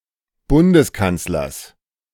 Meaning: genitive singular of Bundeskanzler
- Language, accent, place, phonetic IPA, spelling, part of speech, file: German, Germany, Berlin, [ˈbʊndəsˌkant͡slɐs], Bundeskanzlers, noun, De-Bundeskanzlers.ogg